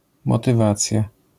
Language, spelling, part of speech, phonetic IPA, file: Polish, motywacja, noun, [ˌmɔtɨˈvat͡sʲja], LL-Q809 (pol)-motywacja.wav